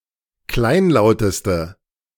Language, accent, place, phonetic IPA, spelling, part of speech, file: German, Germany, Berlin, [ˈklaɪ̯nˌlaʊ̯təstə], kleinlauteste, adjective, De-kleinlauteste.ogg
- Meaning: inflection of kleinlaut: 1. strong/mixed nominative/accusative feminine singular superlative degree 2. strong nominative/accusative plural superlative degree